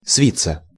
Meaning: 1. to coil, to roll up 2. passive of сви́ть (svítʹ)
- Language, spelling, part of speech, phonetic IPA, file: Russian, свиться, verb, [ˈsvʲit͡sːə], Ru-свиться.ogg